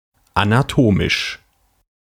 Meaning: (adjective) anatomic, anatomical; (adverb) anatomically
- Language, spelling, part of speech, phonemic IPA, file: German, anatomisch, adjective / adverb, /anaˈtoːmɪʃ/, De-anatomisch.ogg